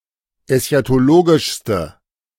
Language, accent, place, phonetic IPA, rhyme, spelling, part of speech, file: German, Germany, Berlin, [ɛsçatoˈloːɡɪʃstə], -oːɡɪʃstə, eschatologischste, adjective, De-eschatologischste.ogg
- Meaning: inflection of eschatologisch: 1. strong/mixed nominative/accusative feminine singular superlative degree 2. strong nominative/accusative plural superlative degree